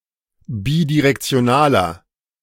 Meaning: inflection of bidirektional: 1. strong/mixed nominative masculine singular 2. strong genitive/dative feminine singular 3. strong genitive plural
- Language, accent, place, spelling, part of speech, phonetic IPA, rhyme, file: German, Germany, Berlin, bidirektionaler, adjective, [ˌbidiʁɛkt͡si̯oˈnaːlɐ], -aːlɐ, De-bidirektionaler.ogg